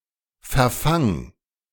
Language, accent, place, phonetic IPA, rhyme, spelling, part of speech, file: German, Germany, Berlin, [fɛɐ̯ˈfaŋ], -aŋ, verfang, verb, De-verfang.ogg
- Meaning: singular imperative of verfangen